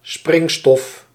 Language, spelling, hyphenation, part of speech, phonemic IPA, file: Dutch, springstof, spring‧stof, noun, /ˈsprɪŋ.stɔf/, Nl-springstof.ogg
- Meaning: explosive, explosive material